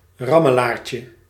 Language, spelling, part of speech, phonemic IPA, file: Dutch, rammelaartje, noun, /ˈrɑməˌlarcə/, Nl-rammelaartje.ogg
- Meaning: diminutive of rammelaar